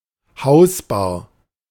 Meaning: cocktail cabinet, home bar
- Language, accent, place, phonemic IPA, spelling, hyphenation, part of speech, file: German, Germany, Berlin, /ˈhaʊ̯sbaːɐ̯/, Hausbar, Haus‧bar, noun, De-Hausbar.ogg